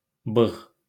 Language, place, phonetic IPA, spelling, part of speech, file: Azerbaijani, Baku, [bɯɣ], bığ, noun, LL-Q9292 (aze)-bığ.wav
- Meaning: moustache